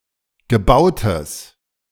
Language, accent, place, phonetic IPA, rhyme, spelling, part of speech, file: German, Germany, Berlin, [ɡəˈbaʊ̯təs], -aʊ̯təs, gebautes, adjective, De-gebautes.ogg
- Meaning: strong/mixed nominative/accusative neuter singular of gebaut